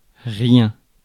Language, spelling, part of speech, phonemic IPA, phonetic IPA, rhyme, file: French, rien, pronoun / noun, /ʁjɛ̃/, [ʁjɛn], -ɛ̃, Fr-rien.ogg
- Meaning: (pronoun) 1. nothing 2. anything; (noun) a nothing